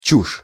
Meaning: rubbish
- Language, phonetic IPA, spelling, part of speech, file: Russian, [t͡ɕuʂ], чушь, noun, Ru-чушь.ogg